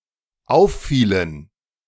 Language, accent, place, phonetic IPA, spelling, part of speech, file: German, Germany, Berlin, [ˈaʊ̯fˌfiːlən], auffielen, verb, De-auffielen.ogg
- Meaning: inflection of auffallen: 1. first/third-person plural dependent preterite 2. first/third-person plural dependent subjunctive II